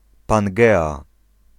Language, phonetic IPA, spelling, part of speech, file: Polish, [pãŋˈɡɛa], Pangea, proper noun, Pl-Pangea.ogg